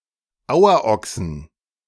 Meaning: 1. genitive singular of Auerochse 2. plural of Auerochse
- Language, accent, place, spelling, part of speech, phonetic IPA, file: German, Germany, Berlin, Auerochsen, noun, [ˈaʊ̯ɐˌʔɔksn̩], De-Auerochsen.ogg